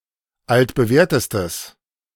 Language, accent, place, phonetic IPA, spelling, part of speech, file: German, Germany, Berlin, [ˌaltbəˈvɛːɐ̯təstəs], altbewährtestes, adjective, De-altbewährtestes.ogg
- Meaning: strong/mixed nominative/accusative neuter singular superlative degree of altbewährt